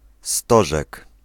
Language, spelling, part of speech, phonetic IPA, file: Polish, stożek, noun, [ˈstɔʒɛk], Pl-stożek.ogg